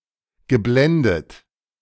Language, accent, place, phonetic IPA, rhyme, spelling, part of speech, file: German, Germany, Berlin, [ɡəˈblɛndət], -ɛndət, geblendet, verb, De-geblendet.ogg
- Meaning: past participle of blenden